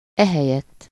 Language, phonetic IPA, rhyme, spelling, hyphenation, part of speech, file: Hungarian, [ˈɛhɛjɛtː], -ɛtː, ehelyett, ehe‧lyett, adverb, Hu-ehelyett.ogg
- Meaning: instead of this